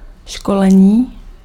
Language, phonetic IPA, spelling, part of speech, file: Czech, [ˈʃkolɛɲiː], školení, noun, Cs-školení.ogg
- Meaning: 1. verbal noun of školit 2. schooling, training